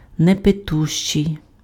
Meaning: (adjective) nondrinking, teetotalling (UK), teetotaling (US), abstinent; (noun) nondrinker, teetotaller (UK), teetotaler (US), abstainer
- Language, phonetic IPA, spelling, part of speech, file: Ukrainian, [nepeˈtuʃt͡ʃei̯], непитущий, adjective / noun, Uk-непитущий.ogg